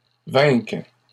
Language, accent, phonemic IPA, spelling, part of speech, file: French, Canada, /vɛ̃k/, vainquent, verb, LL-Q150 (fra)-vainquent.wav
- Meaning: third-person plural present indicative/subjunctive of vaincre